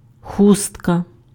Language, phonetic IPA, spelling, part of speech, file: Ukrainian, [ˈxustkɐ], хустка, noun, Uk-хустка.ogg
- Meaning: shawl, neckpiece, kerchief, headscarf